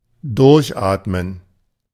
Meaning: to breathe deeply
- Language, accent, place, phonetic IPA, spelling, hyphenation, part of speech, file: German, Germany, Berlin, [ˈdʊʁçˌaːtmən], durchatmen, durch‧at‧men, verb, De-durchatmen.ogg